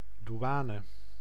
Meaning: 1. customs (service/authorities/administration) 2. customs officer
- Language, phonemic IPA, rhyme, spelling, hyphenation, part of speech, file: Dutch, /duˈaːnə/, -aːnə, douane, dou‧a‧ne, noun, Nl-douane.ogg